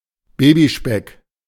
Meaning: baby fat
- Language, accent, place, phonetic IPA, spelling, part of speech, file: German, Germany, Berlin, [ˈbeːbiˌʃpɛk], Babyspeck, noun, De-Babyspeck.ogg